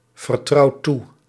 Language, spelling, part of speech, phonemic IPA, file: Dutch, vertrouwt toe, verb, /vərˈtrɑut ˈtu/, Nl-vertrouwt toe.ogg
- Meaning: inflection of toevertrouwen: 1. second/third-person singular present indicative 2. plural imperative